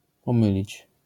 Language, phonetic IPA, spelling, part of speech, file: Polish, [pɔ̃ˈmɨlʲit͡ɕ], pomylić, verb, LL-Q809 (pol)-pomylić.wav